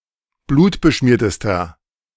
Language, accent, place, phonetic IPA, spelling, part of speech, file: German, Germany, Berlin, [ˈbluːtbəˌʃmiːɐ̯təstɐ], blutbeschmiertester, adjective, De-blutbeschmiertester.ogg
- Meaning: inflection of blutbeschmiert: 1. strong/mixed nominative masculine singular superlative degree 2. strong genitive/dative feminine singular superlative degree